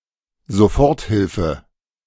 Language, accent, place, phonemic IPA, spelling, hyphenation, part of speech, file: German, Germany, Berlin, /zoˈfɔʁtˌhɪlfə/, Soforthilfe, So‧fort‧hil‧fe, noun, De-Soforthilfe.ogg
- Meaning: emergency relief